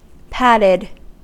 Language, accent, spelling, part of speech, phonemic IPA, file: English, US, patted, verb, /ˈpatɪd/, En-us-patted.ogg
- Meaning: simple past and past participle of pat